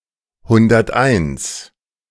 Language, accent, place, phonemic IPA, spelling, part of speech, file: German, Germany, Berlin, /ˈhʊndɐtaɪ̯ns/, hunderteins, numeral, De-hunderteins.ogg
- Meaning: one hundred and one